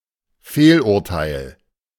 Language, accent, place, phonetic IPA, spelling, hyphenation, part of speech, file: German, Germany, Berlin, [ˈfeːlʔʊʁˌtaɪ̯l], Fehlurteil, Fehl‧ur‧teil, noun, De-Fehlurteil.ogg
- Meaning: 1. misjudgment 2. miscarriage of justice